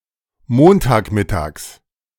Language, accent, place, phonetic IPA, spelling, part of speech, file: German, Germany, Berlin, [ˈmoːntaːkˌmɪtaːks], Montagmittags, noun, De-Montagmittags.ogg
- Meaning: genitive of Montagmittag